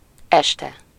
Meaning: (adverb) in the evening (from approximately 6 p.m. until going to bed; depends on working hours, daylight length, etc.); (noun) 1. evening 2. the fall (of someone or something)
- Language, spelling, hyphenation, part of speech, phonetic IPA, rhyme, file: Hungarian, este, es‧te, adverb / noun, [ˈɛʃtɛ], -tɛ, Hu-este.ogg